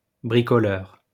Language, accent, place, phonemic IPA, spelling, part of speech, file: French, France, Lyon, /bʁi.kɔ.lœʁ/, bricoleur, adjective / noun, LL-Q150 (fra)-bricoleur.wav
- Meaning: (adjective) skillful, handyman-like, able to DIY; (noun) 1. tinkerer 2. handyman